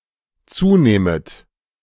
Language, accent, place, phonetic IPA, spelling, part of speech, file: German, Germany, Berlin, [ˈt͡suːˌneːmət], zunehmet, verb, De-zunehmet.ogg
- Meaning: second-person plural dependent subjunctive I of zunehmen